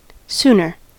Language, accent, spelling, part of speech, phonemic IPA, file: English, US, sooner, adjective / adverb, /ˈsunɚ/, En-us-sooner.ogg
- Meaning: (adjective) comparative form of soon: more soon; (adverb) rather